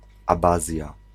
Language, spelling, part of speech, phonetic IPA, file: Polish, abazja, noun, [aˈbazʲja], Pl-abazja.ogg